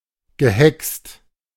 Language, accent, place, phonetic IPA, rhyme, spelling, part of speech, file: German, Germany, Berlin, [ɡəˈhɛkst], -ɛkst, gehext, verb, De-gehext.ogg
- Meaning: past participle of hexen